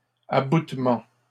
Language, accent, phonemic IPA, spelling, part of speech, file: French, Canada, /a.but.mɑ̃/, aboutement, noun, LL-Q150 (fra)-aboutement.wav
- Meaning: abutment, jointing